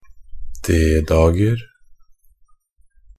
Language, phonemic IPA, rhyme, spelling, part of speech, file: Norwegian Bokmål, /ˈdeːdɑːɡər/, -ər, D-dager, noun, NB - Pronunciation of Norwegian Bokmål «D-dager».ogg
- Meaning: indefinite plural of D-dag